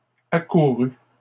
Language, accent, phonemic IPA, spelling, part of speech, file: French, Canada, /a.ku.ʁy/, accouru, verb, LL-Q150 (fra)-accouru.wav
- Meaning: past participle of accourir